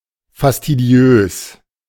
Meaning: fastidious
- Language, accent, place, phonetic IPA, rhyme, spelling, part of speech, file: German, Germany, Berlin, [fastiˈdi̯øːs], -øːs, fastidiös, adjective, De-fastidiös.ogg